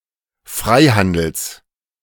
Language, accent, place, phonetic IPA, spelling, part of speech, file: German, Germany, Berlin, [ˈfʁaɪ̯ˌhandl̩s], Freihandels, noun, De-Freihandels.ogg
- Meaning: genitive singular of Freihandel